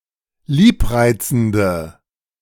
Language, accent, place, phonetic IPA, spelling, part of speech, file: German, Germany, Berlin, [ˈliːpˌʁaɪ̯t͡sn̩də], liebreizende, adjective, De-liebreizende.ogg
- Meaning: inflection of liebreizend: 1. strong/mixed nominative/accusative feminine singular 2. strong nominative/accusative plural 3. weak nominative all-gender singular